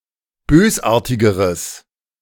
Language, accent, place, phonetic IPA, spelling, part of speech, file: German, Germany, Berlin, [ˈbøːsˌʔaːɐ̯tɪɡəʁəs], bösartigeres, adjective, De-bösartigeres.ogg
- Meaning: strong/mixed nominative/accusative neuter singular comparative degree of bösartig